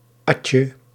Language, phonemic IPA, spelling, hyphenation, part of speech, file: Dutch, /ˈɑtjə/, adje, ad‧je, noun, Nl-adje.ogg
- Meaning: an act of downing a vessel of alcohol, typically beer, in one draught